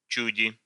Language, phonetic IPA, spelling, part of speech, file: Russian, [ˈt͡ɕʉdʲɪ], чуди, noun, Ru-чу́ди.ogg
- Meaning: genitive/dative/prepositional singular of чудь (čudʹ)